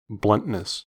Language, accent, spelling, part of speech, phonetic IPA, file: English, US, bluntness, noun, [ˈblʌnʔ.nɪs], En-us-bluntness.ogg
- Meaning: The characteristic of being blunt